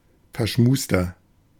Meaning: 1. comparative degree of verschmust 2. inflection of verschmust: strong/mixed nominative masculine singular 3. inflection of verschmust: strong genitive/dative feminine singular
- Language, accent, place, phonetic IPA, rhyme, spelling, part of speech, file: German, Germany, Berlin, [fɛɐ̯ˈʃmuːstɐ], -uːstɐ, verschmuster, adjective, De-verschmuster.ogg